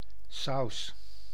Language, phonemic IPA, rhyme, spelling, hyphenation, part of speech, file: Dutch, /sɑu̯s/, -ɑu̯s, saus, saus, noun, Nl-saus.ogg
- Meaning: sauce (liquid condiment, usually of more than watery consistency)